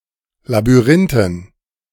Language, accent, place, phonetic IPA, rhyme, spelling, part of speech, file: German, Germany, Berlin, [labyˈʁɪntn̩], -ɪntn̩, Labyrinthen, noun, De-Labyrinthen.ogg
- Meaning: dative plural of Labyrinth